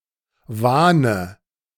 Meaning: nominative/accusative/genitive plural of Wahn
- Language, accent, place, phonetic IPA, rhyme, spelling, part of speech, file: German, Germany, Berlin, [ˈvaːnə], -aːnə, Wahne, noun, De-Wahne.ogg